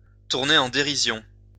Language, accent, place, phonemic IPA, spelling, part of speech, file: French, France, Lyon, /tuʁ.ne.ʁ‿ɑ̃ de.ʁi.zjɔ̃/, tourner en dérision, verb, LL-Q150 (fra)-tourner en dérision.wav
- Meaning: to ridicule, to make mock of